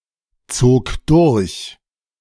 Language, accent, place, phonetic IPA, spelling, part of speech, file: German, Germany, Berlin, [ˌt͡soːk ˈdʊʁç], zog durch, verb, De-zog durch.ogg
- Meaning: first/third-person singular preterite of durchziehen